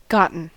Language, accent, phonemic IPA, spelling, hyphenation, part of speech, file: English, US, /ˈɡɑ.tən/, gotten, got‧ten, verb / adjective, En-us-gotten.ogg
- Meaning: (verb) past participle of get; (adjective) Obtained, acquired; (verb) past participle of git